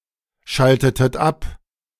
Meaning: inflection of abschalten: 1. second-person plural preterite 2. second-person plural subjunctive II
- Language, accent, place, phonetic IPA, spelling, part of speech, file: German, Germany, Berlin, [ˌʃaltətət ˈap], schaltetet ab, verb, De-schaltetet ab.ogg